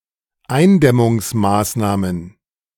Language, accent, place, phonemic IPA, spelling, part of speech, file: German, Germany, Berlin, /ˈaɪ̯nˌdɛmʊŋsˌmaːsnaːmən/, Eindämmungsmaßnahmen, noun, De-Eindämmungsmaßnahmen.ogg
- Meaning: plural of Eindämmungsmaßnahme